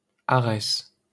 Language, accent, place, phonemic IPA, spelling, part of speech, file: French, France, Paris, /a.ʁɛs/, Arès, proper noun, LL-Q150 (fra)-Arès.wav
- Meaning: Ares